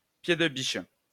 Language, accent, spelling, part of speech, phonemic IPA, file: French, France, pied-de-biche, noun, /pje.d(ə).biʃ/, LL-Q150 (fra)-pied-de-biche.wav
- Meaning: crowbar